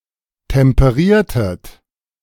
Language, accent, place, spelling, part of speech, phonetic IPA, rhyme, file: German, Germany, Berlin, temperiertet, verb, [tɛmpəˈʁiːɐ̯tət], -iːɐ̯tət, De-temperiertet.ogg
- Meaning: inflection of temperieren: 1. second-person plural preterite 2. second-person plural subjunctive II